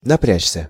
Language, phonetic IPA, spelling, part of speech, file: Russian, [nɐˈprʲæt͡ɕsʲə], напрячься, verb, Ru-напрячься.ogg
- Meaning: 1. to strain oneself, to exert oneself 2. passive of напря́чь (naprjáčʹ)